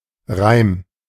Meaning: 1. rhyme (poetic device) 2. rhyme, rhyming phrase, short verse 3. rime (part of a syllable after the onset)
- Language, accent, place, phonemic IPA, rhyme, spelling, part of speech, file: German, Germany, Berlin, /ʁaɪ̯m/, -aɪ̯m, Reim, noun, De-Reim.ogg